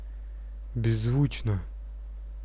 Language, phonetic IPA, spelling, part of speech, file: Russian, [bʲɪzːˈvut͡ɕnə], беззвучно, adverb, Ru-беззвучно.ogg
- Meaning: soundlessly, noiselessly, silently